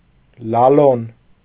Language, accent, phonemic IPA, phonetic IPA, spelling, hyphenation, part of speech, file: Armenian, Eastern Armenian, /lɑˈlon/, [lɑlón], լալոն, լա‧լոն, noun, Hy-լալոն.ogg
- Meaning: alternative form of լալոնք (lalonkʻ)